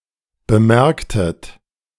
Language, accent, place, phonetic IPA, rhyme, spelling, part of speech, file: German, Germany, Berlin, [bəˈmɛʁktət], -ɛʁktət, bemerktet, verb, De-bemerktet.ogg
- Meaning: inflection of bemerken: 1. second-person plural preterite 2. second-person plural subjunctive II